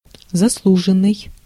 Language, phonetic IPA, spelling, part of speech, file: Russian, [zɐsˈɫuʐɨn(ː)ɨj], заслуженный, verb / adjective, Ru-заслуженный.ogg
- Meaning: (verb) past passive perfective participle of заслужи́ть (zaslužítʹ); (adjective) 1. deserved, well-deserved, well-earned 2. celebrated, distinguished 3. honoured/honored (part of a title)